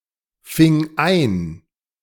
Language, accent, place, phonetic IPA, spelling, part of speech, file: German, Germany, Berlin, [ˌfɪŋ ˈaɪ̯n], fing ein, verb, De-fing ein.ogg
- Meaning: first/third-person singular preterite of einfangen